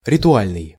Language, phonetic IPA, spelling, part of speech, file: Russian, [rʲɪtʊˈalʲnɨj], ритуальный, adjective, Ru-ритуальный.ogg
- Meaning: 1. ritual, ritualistic 2. associated with funeral, undertaking